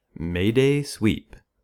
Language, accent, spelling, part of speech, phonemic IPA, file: English, US, May-day sweep, noun, /meɪ deɪ swip/, En-us-May-day sweep.ogg
- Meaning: One of the sweeps (chimney sweeps), clad in bright clothes and garlands and carrying a blackened broom, in a May Day parade